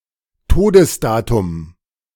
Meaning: date of death
- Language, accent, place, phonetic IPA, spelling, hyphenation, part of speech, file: German, Germany, Berlin, [ˈtoːdəsˌdaːtʊm], Todesdatum, To‧des‧da‧tum, noun, De-Todesdatum.ogg